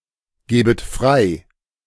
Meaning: second-person plural subjunctive I of freigeben
- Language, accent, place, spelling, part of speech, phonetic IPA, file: German, Germany, Berlin, gebet frei, verb, [ˌɡeːbət ˈfʁaɪ̯], De-gebet frei.ogg